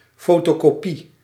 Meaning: photocopy
- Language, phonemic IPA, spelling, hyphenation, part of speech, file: Dutch, /ˈfoː.toːˌkoː.pi/, fotokopie, fo‧to‧ko‧pie, noun, Nl-fotokopie.ogg